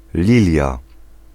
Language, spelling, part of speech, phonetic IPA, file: Polish, lilia, noun, [ˈlʲilʲja], Pl-lilia.ogg